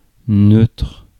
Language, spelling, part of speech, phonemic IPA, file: French, neutre, adjective, /nøtʁ/, Fr-neutre.ogg
- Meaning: 1. neutral 2. neuter